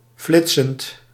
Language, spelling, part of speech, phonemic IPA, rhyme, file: Dutch, flitsend, verb / adjective, /ˈflɪt.sənt/, -ɪtsənt, Nl-flitsend.ogg
- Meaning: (verb) present participle of flitsen; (adjective) flashy